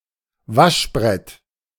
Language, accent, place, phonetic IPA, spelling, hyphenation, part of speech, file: German, Germany, Berlin, [ˈvaʃˌbʁɛt], Waschbrett, Wasch‧brett, noun, De-Waschbrett.ogg
- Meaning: washboard